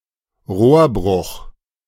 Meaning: pipe burst
- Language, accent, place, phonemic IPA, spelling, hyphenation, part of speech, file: German, Germany, Berlin, /ˈʁoːɐ̯ˌbʁʊx/, Rohrbruch, Rohr‧bruch, noun, De-Rohrbruch.ogg